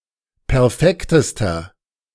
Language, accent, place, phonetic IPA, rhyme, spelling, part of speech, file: German, Germany, Berlin, [pɛʁˈfɛktəstɐ], -ɛktəstɐ, perfektester, adjective, De-perfektester.ogg
- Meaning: inflection of perfekt: 1. strong/mixed nominative masculine singular superlative degree 2. strong genitive/dative feminine singular superlative degree 3. strong genitive plural superlative degree